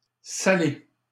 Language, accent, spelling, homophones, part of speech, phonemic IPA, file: French, Canada, salé, Salé, adjective / noun / verb, /sa.le/, LL-Q150 (fra)-salé.wav
- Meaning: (adjective) 1. salted; salty; saline 2. savory; not sweet 3. costly (invoice) 4. spicy, colourful (comment); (noun) salted pork meat; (verb) past participle of saler